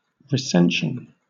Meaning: 1. A census, an enumeration, a review, a survey 2. A critical revision of a text 3. A text established by critical revision
- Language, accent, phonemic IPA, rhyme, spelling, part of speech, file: English, Southern England, /ɹɪˈsɛnʃən/, -ɛnʃən, recension, noun, LL-Q1860 (eng)-recension.wav